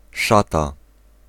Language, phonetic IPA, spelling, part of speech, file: Polish, [ˈʃata], szata, noun, Pl-szata.ogg